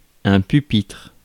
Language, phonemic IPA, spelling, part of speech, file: French, /py.pitʁ/, pupitre, noun, Fr-pupitre.ogg
- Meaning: 1. pupil's desk, school desk 2. console, control panel 3. music stand